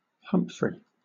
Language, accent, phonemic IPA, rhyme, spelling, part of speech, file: English, Southern England, /ˈhʌmfɹi/, -ʌmfɹi, Humphrey, proper noun, LL-Q1860 (eng)-Humphrey.wav
- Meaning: 1. A male given name from the Germanic languages 2. A surname originating as a patronymic